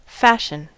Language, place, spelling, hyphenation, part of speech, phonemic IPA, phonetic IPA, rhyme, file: English, California, fashion, fash‧ion, noun / verb, /ˈfæʃ.ən/, [ˈfæʃn̩], -æʃən, En-us-fashion.ogg
- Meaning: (noun) A current (constantly changing) trend, favored for frivolous rather than practical, logical, or intellectual reasons